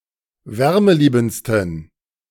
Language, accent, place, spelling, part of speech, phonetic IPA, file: German, Germany, Berlin, wärmeliebendsten, adjective, [ˈvɛʁməˌliːbn̩t͡stən], De-wärmeliebendsten.ogg
- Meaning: 1. superlative degree of wärmeliebend 2. inflection of wärmeliebend: strong genitive masculine/neuter singular superlative degree